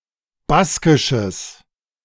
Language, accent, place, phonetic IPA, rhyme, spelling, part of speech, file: German, Germany, Berlin, [ˈbaskɪʃəs], -askɪʃəs, baskisches, adjective, De-baskisches.ogg
- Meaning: strong/mixed nominative/accusative neuter singular of baskisch